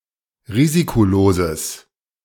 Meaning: strong/mixed nominative/accusative neuter singular of risikolos
- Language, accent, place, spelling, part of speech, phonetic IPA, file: German, Germany, Berlin, risikoloses, adjective, [ˈʁiːzikoˌloːzəs], De-risikoloses.ogg